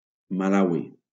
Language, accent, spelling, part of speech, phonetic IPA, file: Catalan, Valencia, Malawi, proper noun, [maˈla.wi], LL-Q7026 (cat)-Malawi.wav
- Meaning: Malawi (a country in Southern Africa)